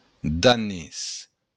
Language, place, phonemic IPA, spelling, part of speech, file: Occitan, Béarn, /daˈnes/, danés, adjective / noun, LL-Q14185 (oci)-danés.wav
- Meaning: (adjective) Danish; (noun) Danish (language)